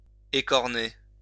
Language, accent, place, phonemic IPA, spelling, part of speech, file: French, France, Lyon, /e.kɔʁ.ne/, écorner, verb, LL-Q150 (fra)-écorner.wav
- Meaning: 1. to remove the horns of; dehorn 2. to chip or dent 3. to dog-ear